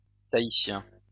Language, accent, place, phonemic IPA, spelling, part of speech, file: French, France, Lyon, /ta.i.sjɛ̃/, tahitien, adjective / noun, LL-Q150 (fra)-tahitien.wav
- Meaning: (adjective) Tahitian; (noun) Tahitian (language)